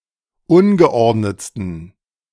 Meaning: 1. superlative degree of ungeordnet 2. inflection of ungeordnet: strong genitive masculine/neuter singular superlative degree
- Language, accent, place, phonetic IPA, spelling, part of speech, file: German, Germany, Berlin, [ˈʊnɡəˌʔɔʁdnət͡stn̩], ungeordnetsten, adjective, De-ungeordnetsten.ogg